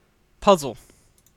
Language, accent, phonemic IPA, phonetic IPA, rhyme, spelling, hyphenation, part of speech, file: English, Canada, /ˈpʌzəl/, [ˈpʌzɫ̩], -ʌzəl, puzzle, puz‧zle, noun / verb, En-ca-puzzle.ogg
- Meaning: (noun) The state of feeling confused or mystified because one cannot understand a complicated matter, a problem, etc.; bewilderment, confusion; (countable) often in in a puzzle: an instance of this